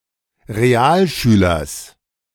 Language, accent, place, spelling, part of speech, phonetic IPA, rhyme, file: German, Germany, Berlin, Realschülers, noun, [ʁeˈaːlˌʃyːlɐs], -aːlʃyːlɐs, De-Realschülers.ogg
- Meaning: genitive singular of Realschüler